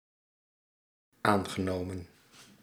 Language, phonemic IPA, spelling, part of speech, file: Dutch, /ˈaŋɣəˌnomə(n)/, aangenomen, conjunction / adjective / verb, Nl-aangenomen.ogg
- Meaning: past participle of aannemen